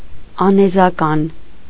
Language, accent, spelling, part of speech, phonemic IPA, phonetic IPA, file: Armenian, Eastern Armenian, անեզական, adjective, /ɑnezɑˈkɑn/, [ɑnezɑkɑ́n], Hy-անեզական.ogg
- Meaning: having no singular form